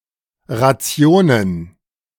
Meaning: plural of Ration
- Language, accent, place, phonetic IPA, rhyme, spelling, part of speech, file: German, Germany, Berlin, [ˌʁaˈt͡si̯oːnən], -oːnən, Rationen, noun, De-Rationen.ogg